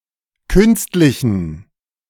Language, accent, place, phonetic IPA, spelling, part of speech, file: German, Germany, Berlin, [ˈkʏnstlɪçn̩], künstlichen, adjective, De-künstlichen.ogg
- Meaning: inflection of künstlich: 1. strong genitive masculine/neuter singular 2. weak/mixed genitive/dative all-gender singular 3. strong/weak/mixed accusative masculine singular 4. strong dative plural